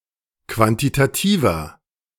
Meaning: inflection of quantitativ: 1. strong/mixed nominative masculine singular 2. strong genitive/dative feminine singular 3. strong genitive plural
- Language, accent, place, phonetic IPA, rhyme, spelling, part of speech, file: German, Germany, Berlin, [ˌkvantitaˈtiːvɐ], -iːvɐ, quantitativer, adjective, De-quantitativer.ogg